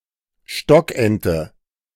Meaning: mallard, wild duck (Anas platyrhynchos)
- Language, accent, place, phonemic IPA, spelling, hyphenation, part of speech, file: German, Germany, Berlin, /ˈʃtɔkʔɛntə/, Stockente, Stock‧en‧te, noun, De-Stockente.ogg